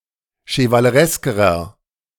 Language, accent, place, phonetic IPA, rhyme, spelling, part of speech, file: German, Germany, Berlin, [ʃəvaləˈʁɛskəʁɐ], -ɛskəʁɐ, chevalereskerer, adjective, De-chevalereskerer.ogg
- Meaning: inflection of chevaleresk: 1. strong/mixed nominative masculine singular comparative degree 2. strong genitive/dative feminine singular comparative degree 3. strong genitive plural comparative degree